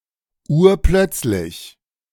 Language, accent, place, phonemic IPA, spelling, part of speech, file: German, Germany, Berlin, /ˈuːɐ̯ˈplœt͡slɪç/, urplötzlich, adjective / adverb, De-urplötzlich.ogg
- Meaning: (adjective) very sudden; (adverb) all of a sudden